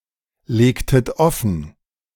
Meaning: inflection of offenlegen: 1. second-person plural preterite 2. second-person plural subjunctive II
- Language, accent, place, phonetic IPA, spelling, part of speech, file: German, Germany, Berlin, [ˌleːktət ˈɔfn̩], legtet offen, verb, De-legtet offen.ogg